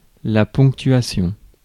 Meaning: punctuation
- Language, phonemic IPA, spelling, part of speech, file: French, /pɔ̃k.tɥa.sjɔ̃/, ponctuation, noun, Fr-ponctuation.ogg